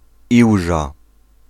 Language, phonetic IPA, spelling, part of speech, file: Polish, [ˈiwʒa], Iłża, proper noun, Pl-Iłża.ogg